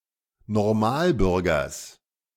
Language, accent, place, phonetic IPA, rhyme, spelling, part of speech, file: German, Germany, Berlin, [nɔʁˈmaːlˌbʏʁɡɐs], -aːlbʏʁɡɐs, Normalbürgers, noun, De-Normalbürgers.ogg
- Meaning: genitive singular of Normalbürger